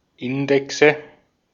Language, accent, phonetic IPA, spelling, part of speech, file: German, Austria, [ˈɪndɛksə], Indexe, noun, De-at-Indexe.ogg
- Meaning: nominative/accusative/genitive plural of Index